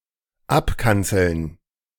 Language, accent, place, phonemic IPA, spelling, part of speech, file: German, Germany, Berlin, /ˈapˌkant͡sl̩n/, abkanzeln, verb, De-abkanzeln.ogg
- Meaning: to rebuke